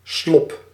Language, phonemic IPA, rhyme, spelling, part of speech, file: Dutch, /slɔp/, -ɔp, slop, noun, Nl-slop.ogg
- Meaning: 1. a bad situation 2. a very narrow street, a back alley, often dead-end